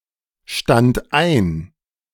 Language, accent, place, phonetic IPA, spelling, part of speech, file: German, Germany, Berlin, [ˌʃtant ˈaɪ̯n], stand ein, verb, De-stand ein.ogg
- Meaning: first/third-person singular preterite of einstehen